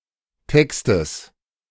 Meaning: genitive singular of Text
- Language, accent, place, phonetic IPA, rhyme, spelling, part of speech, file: German, Germany, Berlin, [ˈtɛkstəs], -ɛkstəs, Textes, noun, De-Textes.ogg